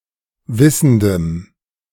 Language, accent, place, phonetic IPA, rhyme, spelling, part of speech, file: German, Germany, Berlin, [ˈvɪsn̩dəm], -ɪsn̩dəm, wissendem, adjective, De-wissendem.ogg
- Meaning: strong dative masculine/neuter singular of wissend